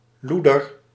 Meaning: 1. a nasty person or animal 2. a bitch, a nasty woman (or female animal)
- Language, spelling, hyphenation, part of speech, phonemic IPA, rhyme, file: Dutch, loeder, loe‧der, noun, /ˈlu.dər/, -udər, Nl-loeder.ogg